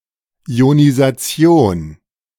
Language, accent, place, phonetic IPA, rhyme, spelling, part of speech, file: German, Germany, Berlin, [i̯onizaˈt͡si̯oːn], -oːn, Ionisation, noun, De-Ionisation.ogg
- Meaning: ionization / ionisation